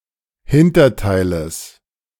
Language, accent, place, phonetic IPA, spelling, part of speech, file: German, Germany, Berlin, [ˈhɪntɐˌtaɪ̯ləs], Hinterteiles, noun, De-Hinterteiles.ogg
- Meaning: genitive of Hinterteil